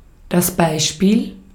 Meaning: example
- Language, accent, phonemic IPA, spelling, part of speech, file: German, Austria, /ˈbaɪ̯ʃpiːl/, Beispiel, noun, De-at-Beispiel.ogg